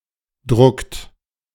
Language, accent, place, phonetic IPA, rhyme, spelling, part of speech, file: German, Germany, Berlin, [dʁʊkt], -ʊkt, druckt, verb, De-druckt.ogg
- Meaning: inflection of drucken: 1. third-person singular present 2. second-person plural present 3. plural imperative